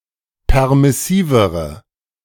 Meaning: inflection of permissiv: 1. strong/mixed nominative/accusative feminine singular comparative degree 2. strong nominative/accusative plural comparative degree
- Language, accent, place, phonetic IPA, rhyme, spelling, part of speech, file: German, Germany, Berlin, [ˌpɛʁmɪˈsiːvəʁə], -iːvəʁə, permissivere, adjective, De-permissivere.ogg